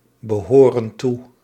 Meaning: inflection of toebehoren: 1. plural present indicative 2. plural present subjunctive
- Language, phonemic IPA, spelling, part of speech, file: Dutch, /bəˈhorə(n) ˈtu/, behoren toe, verb, Nl-behoren toe.ogg